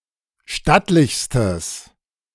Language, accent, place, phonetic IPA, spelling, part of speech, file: German, Germany, Berlin, [ˈʃtatlɪçstəs], stattlichstes, adjective, De-stattlichstes.ogg
- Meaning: strong/mixed nominative/accusative neuter singular superlative degree of stattlich